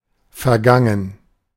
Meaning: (verb) past participle of vergehen; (adjective) 1. past, bygone 2. preceding
- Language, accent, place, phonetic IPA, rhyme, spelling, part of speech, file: German, Germany, Berlin, [fɛɐ̯ˈɡaŋən], -aŋən, vergangen, adjective / verb, De-vergangen.ogg